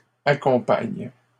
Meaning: inflection of accompagner: 1. first/third-person singular present indicative/subjunctive 2. second-person singular imperative
- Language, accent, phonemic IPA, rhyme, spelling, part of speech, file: French, Canada, /a.kɔ̃.paɲ/, -aɲ, accompagne, verb, LL-Q150 (fra)-accompagne.wav